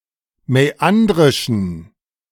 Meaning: inflection of mäandrisch: 1. strong genitive masculine/neuter singular 2. weak/mixed genitive/dative all-gender singular 3. strong/weak/mixed accusative masculine singular 4. strong dative plural
- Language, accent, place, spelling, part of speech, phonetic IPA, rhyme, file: German, Germany, Berlin, mäandrischen, adjective, [mɛˈandʁɪʃn̩], -andʁɪʃn̩, De-mäandrischen.ogg